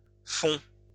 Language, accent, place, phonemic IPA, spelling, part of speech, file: French, France, Lyon, /fɔ̃/, fon, noun, LL-Q150 (fra)-fon.wav
- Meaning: Fon (language)